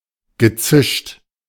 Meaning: past participle of zischen
- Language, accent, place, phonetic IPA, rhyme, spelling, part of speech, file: German, Germany, Berlin, [ɡəˈt͡sɪʃt], -ɪʃt, gezischt, verb, De-gezischt.ogg